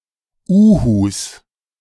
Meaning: 1. genitive singular of Uhu 2. plural of Uhu
- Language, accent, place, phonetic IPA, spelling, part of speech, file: German, Germany, Berlin, [uːhus], Uhus, noun, De-Uhus.ogg